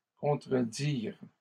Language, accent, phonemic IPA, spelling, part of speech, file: French, Canada, /kɔ̃.tʁə.diʁ/, contredirent, verb, LL-Q150 (fra)-contredirent.wav
- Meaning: third-person plural past historic of contredire